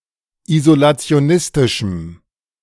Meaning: strong dative masculine/neuter singular of isolationistisch
- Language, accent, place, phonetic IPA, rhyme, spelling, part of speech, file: German, Germany, Berlin, [izolat͡si̯oˈnɪstɪʃm̩], -ɪstɪʃm̩, isolationistischem, adjective, De-isolationistischem.ogg